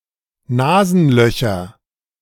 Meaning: nominative/accusative/genitive plural of Nasenloch
- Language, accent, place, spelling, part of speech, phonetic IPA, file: German, Germany, Berlin, Nasenlöcher, noun, [ˈnaːzn̩ˌlœçɐ], De-Nasenlöcher.ogg